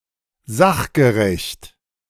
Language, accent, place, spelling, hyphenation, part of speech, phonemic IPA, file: German, Germany, Berlin, sachgerecht, sach‧ge‧recht, adjective, /ˈzaxɡəˌʁɛçt/, De-sachgerecht.ogg
- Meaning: proper, appropriate